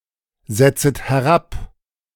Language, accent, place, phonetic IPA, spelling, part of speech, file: German, Germany, Berlin, [ˌzɛt͡sət hɛˈʁap], setzet herab, verb, De-setzet herab.ogg
- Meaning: second-person plural subjunctive I of herabsetzen